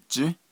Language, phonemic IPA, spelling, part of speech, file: Navajo, /t͡ʃĩ́/, jį́, noun, Nv-jį́.ogg
- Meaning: day